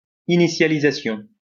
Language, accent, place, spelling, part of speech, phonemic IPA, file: French, France, Lyon, initialisation, noun, /i.ni.sja.li.za.sjɔ̃/, LL-Q150 (fra)-initialisation.wav
- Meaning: initialization